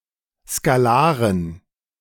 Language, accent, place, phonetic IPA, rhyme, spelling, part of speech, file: German, Germany, Berlin, [skaˈlaːʁən], -aːʁən, Skalaren, noun, De-Skalaren.ogg
- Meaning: dative plural of Skalar